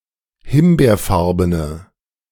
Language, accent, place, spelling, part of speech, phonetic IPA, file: German, Germany, Berlin, himbeerfarbene, adjective, [ˈhɪmbeːɐ̯ˌfaʁbənə], De-himbeerfarbene.ogg
- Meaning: inflection of himbeerfarben: 1. strong/mixed nominative/accusative feminine singular 2. strong nominative/accusative plural 3. weak nominative all-gender singular